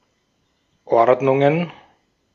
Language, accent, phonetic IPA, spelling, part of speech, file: German, Austria, [ˈɔʁdnʊŋən], Ordnungen, noun, De-at-Ordnungen.ogg
- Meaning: plural of Ordnung